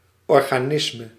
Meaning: a biological organism
- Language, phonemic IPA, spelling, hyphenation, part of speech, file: Dutch, /ˌɔr.ɣaːˈnɪs.mə/, organisme, or‧ga‧nis‧me, noun, Nl-organisme.ogg